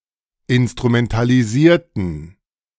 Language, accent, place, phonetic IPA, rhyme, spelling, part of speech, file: German, Germany, Berlin, [ɪnstʁumɛntaliˈziːɐ̯tn̩], -iːɐ̯tn̩, instrumentalisierten, adjective / verb, De-instrumentalisierten.ogg
- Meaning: inflection of instrumentalisieren: 1. first/third-person plural preterite 2. first/third-person plural subjunctive II